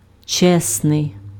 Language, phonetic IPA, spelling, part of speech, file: Ukrainian, [ˈt͡ʃɛsnei̯], чесний, adjective, Uk-чесний.ogg
- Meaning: honest